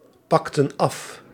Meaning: inflection of afpakken: 1. plural past indicative 2. plural past subjunctive
- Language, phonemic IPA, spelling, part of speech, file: Dutch, /ˈpɑktə(n) ˈɑf/, pakten af, verb, Nl-pakten af.ogg